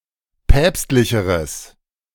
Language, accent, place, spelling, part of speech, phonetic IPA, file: German, Germany, Berlin, päpstlicheres, adjective, [ˈpɛːpstlɪçəʁəs], De-päpstlicheres.ogg
- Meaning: strong/mixed nominative/accusative neuter singular comparative degree of päpstlich